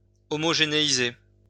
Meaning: to homogenize
- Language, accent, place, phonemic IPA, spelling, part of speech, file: French, France, Lyon, /ɔ.mɔ.ʒe.ne.i.ze/, homogénéiser, verb, LL-Q150 (fra)-homogénéiser.wav